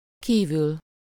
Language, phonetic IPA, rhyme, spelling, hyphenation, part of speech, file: Hungarian, [ˈkiːvyl], -yl, kívül, kí‧vül, adverb / postposition, Hu-kívül.ogg
- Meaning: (adverb) outside, outdoors; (postposition) 1. outside (of something: -n/-on/-en/-ön) 2. apart from, besides (something: -n/-on/-en/-ön) 3. outside, out of (something: -n/-on/-en/-ön) 4. without